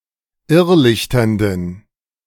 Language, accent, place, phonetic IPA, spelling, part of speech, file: German, Germany, Berlin, [ˈɪʁˌlɪçtɐndn̩], irrlichternden, adjective, De-irrlichternden.ogg
- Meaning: inflection of irrlichternd: 1. strong genitive masculine/neuter singular 2. weak/mixed genitive/dative all-gender singular 3. strong/weak/mixed accusative masculine singular 4. strong dative plural